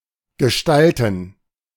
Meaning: 1. gerund of gestalten 2. plural of Gestalt
- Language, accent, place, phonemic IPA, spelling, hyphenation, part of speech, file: German, Germany, Berlin, /ɡəˈʃtaltən/, Gestalten, Ge‧stal‧ten, noun, De-Gestalten.ogg